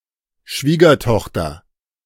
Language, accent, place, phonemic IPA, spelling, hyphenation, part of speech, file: German, Germany, Berlin, /ˈʃviːɡɐˌtɔxtɐ/, Schwiegertochter, Schwie‧ger‧toch‧ter, noun, De-Schwiegertochter.ogg
- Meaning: daughter-in-law